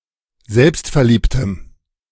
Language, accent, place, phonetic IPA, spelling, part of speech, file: German, Germany, Berlin, [ˈzɛlpstfɛɐ̯ˌliːptəm], selbstverliebtem, adjective, De-selbstverliebtem.ogg
- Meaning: strong dative masculine/neuter singular of selbstverliebt